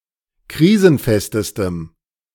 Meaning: strong dative masculine/neuter singular superlative degree of krisenfest
- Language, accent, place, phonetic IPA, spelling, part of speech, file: German, Germany, Berlin, [ˈkʁiːzn̩ˌfɛstəstəm], krisenfestestem, adjective, De-krisenfestestem.ogg